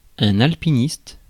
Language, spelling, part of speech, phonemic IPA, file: French, alpiniste, noun, /al.pi.nist/, Fr-alpiniste.ogg
- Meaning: mountaineer, alpinist